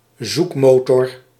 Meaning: search engine
- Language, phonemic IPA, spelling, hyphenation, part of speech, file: Dutch, /ˈzukˌmoː.tɔr/, zoekmotor, zoek‧mo‧tor, noun, Nl-zoekmotor.ogg